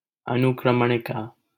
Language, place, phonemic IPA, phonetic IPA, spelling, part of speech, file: Hindi, Delhi, /ə.nʊk.ɾəm.ɳɪ.kɑː/, [ɐ.nʊk.ɾɐ̃m.ɳɪ.käː], अनुक्रमणिका, noun, LL-Q1568 (hin)-अनुक्रमणिका.wav
- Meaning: table of contents, index, an ordered list